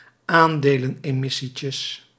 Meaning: plural of aandelenemissietje
- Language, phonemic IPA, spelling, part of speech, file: Dutch, /ˈandelə(n)ɛˌmɪsicəs/, aandelenemissietjes, noun, Nl-aandelenemissietjes.ogg